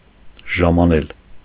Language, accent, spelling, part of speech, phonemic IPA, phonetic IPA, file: Armenian, Eastern Armenian, ժամանել, verb, /ʒɑmɑˈnel/, [ʒɑmɑnél], Hy-ժամանել.ogg
- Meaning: to arrive